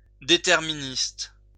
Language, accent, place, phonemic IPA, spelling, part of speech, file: French, France, Lyon, /de.tɛʁ.mi.nist/, déterministe, adjective / noun, LL-Q150 (fra)-déterministe.wav
- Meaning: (adjective) deterministic; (noun) determinist